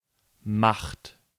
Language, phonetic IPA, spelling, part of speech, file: German, [maxt], macht, verb, De-macht.ogg
- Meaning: 1. third-person singular present of machen 2. inflection of machen: second-person plural present 3. inflection of machen: plural imperative